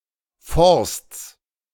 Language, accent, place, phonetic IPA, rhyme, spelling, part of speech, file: German, Germany, Berlin, [fɔʁst͡s], -ɔʁst͡s, Forsts, noun, De-Forsts.ogg
- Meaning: genitive of Forst